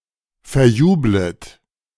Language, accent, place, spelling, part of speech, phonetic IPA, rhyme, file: German, Germany, Berlin, verjublet, verb, [fɛɐ̯ˈjuːblət], -uːblət, De-verjublet.ogg
- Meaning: second-person plural subjunctive I of verjubeln